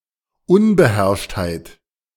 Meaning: lack of self control
- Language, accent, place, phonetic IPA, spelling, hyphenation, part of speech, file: German, Germany, Berlin, [ˈʊnbəˌhɛʁʃthaɪ̯t], Unbeherrschtheit, Un‧be‧herrscht‧heit, noun, De-Unbeherrschtheit.ogg